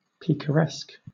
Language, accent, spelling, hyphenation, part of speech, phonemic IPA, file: English, Southern England, picaresque, pi‧car‧esque, adjective / noun, /pɪkəˈɹɛsk/, LL-Q1860 (eng)-picaresque.wav
- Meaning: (adjective) 1. Of or pertaining to adventurers or rogues 2. Characteristic of a genre of Spanish satiric novel dealing with the adventures of a roguish hero; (noun) A picaresque novel